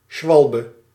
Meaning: dive, a deliberate fall to gain advantage in the game
- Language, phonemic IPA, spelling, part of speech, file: Dutch, /ˈʃʋɑlbə/, schwalbe, noun, Nl-schwalbe.ogg